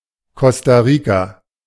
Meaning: Costa Rica (a country in Central America)
- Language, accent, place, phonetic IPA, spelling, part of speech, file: German, Germany, Berlin, [ˈkɔsta ˈʁiːka], Costa Rica, proper noun, De-Costa Rica.ogg